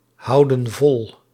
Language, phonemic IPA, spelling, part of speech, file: Dutch, /ˈhɑudə(n) ˈvɔl/, houden vol, verb, Nl-houden vol.ogg
- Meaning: inflection of volhouden: 1. plural present indicative 2. plural present subjunctive